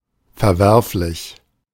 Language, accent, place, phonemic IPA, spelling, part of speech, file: German, Germany, Berlin, /fɛɐ̯ˈvɛʁflɪç/, verwerflich, adjective, De-verwerflich.ogg
- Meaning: reprehensible (morally unacceptable)